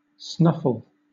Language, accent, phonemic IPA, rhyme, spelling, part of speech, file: English, Southern England, /ˈsnʌfəl/, -ʌfəl, snuffle, verb / noun, LL-Q1860 (eng)-snuffle.wav
- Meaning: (verb) 1. To sniff or smell with the nose loudly and audibly 2. To speak through the nose; to breathe through the nose when it is obstructed, so as to make a broken sound